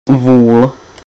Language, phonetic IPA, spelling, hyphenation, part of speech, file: Czech, [ˈvuːl], vůl, vůl, noun, Cs-vůl.ogg
- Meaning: 1. ox (castrated male cattle) 2. idiot (stupid person) 3. dude (a term of address for a person)